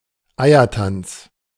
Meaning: tortuous maneuvering
- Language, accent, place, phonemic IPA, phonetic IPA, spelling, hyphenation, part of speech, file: German, Germany, Berlin, /ˈaɪ̯ərtant͡s/, [ˈaɪ̯ɐtant͡s], Eiertanz, Ei‧er‧tanz, noun, De-Eiertanz.ogg